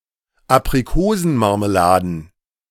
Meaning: plural of Aprikosenmarmelade
- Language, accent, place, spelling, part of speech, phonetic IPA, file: German, Germany, Berlin, Aprikosenmarmeladen, noun, [apʁiˈkoːzn̩maʁməˌlaːdn̩], De-Aprikosenmarmeladen.ogg